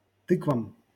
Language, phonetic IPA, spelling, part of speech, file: Russian, [ˈtɨkvəm], тыквам, noun, LL-Q7737 (rus)-тыквам.wav
- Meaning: dative plural of ты́ква (týkva)